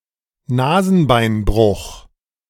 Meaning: broken nose
- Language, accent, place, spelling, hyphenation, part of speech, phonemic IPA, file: German, Germany, Berlin, Nasenbeinbruch, Na‧sen‧bein‧bruch, noun, /ˈnaːzn̩baɪ̯nˌbʁʊx/, De-Nasenbeinbruch.ogg